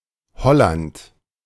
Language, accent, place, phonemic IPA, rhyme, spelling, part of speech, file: German, Germany, Berlin, /ˈhɔlant/, -ant, Holland, proper noun, De-Holland.ogg
- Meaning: 1. Holland (a historical province of the Netherlands) 2. Holland, the Netherlands (a country in Western Europe)